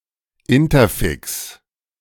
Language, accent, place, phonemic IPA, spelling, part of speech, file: German, Germany, Berlin, /ˈɪntɐˌfɪks/, Interfix, noun, De-Interfix.ogg
- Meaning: interfix